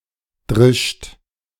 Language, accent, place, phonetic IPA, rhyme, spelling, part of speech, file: German, Germany, Berlin, [dʁɪʃt], -ɪʃt, drischt, verb, De-drischt.ogg
- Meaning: third-person singular present of dreschen